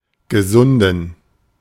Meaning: inflection of gesund: 1. strong genitive masculine/neuter singular 2. weak/mixed genitive/dative all-gender singular 3. strong/weak/mixed accusative masculine singular 4. strong dative plural
- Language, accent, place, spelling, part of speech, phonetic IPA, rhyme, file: German, Germany, Berlin, gesunden, verb / adjective, [ɡəˈzʊndn̩], -ʊndn̩, De-gesunden.ogg